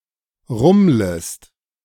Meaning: second-person singular subjunctive I of rummeln
- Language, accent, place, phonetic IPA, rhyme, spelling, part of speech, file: German, Germany, Berlin, [ˈʁʊmləst], -ʊmləst, rummlest, verb, De-rummlest.ogg